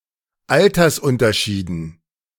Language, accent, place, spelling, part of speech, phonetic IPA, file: German, Germany, Berlin, Altersunterschieden, noun, [ˈaltɐsˌʔʊntɐʃiːdn̩], De-Altersunterschieden.ogg
- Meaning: dative plural of Altersunterschied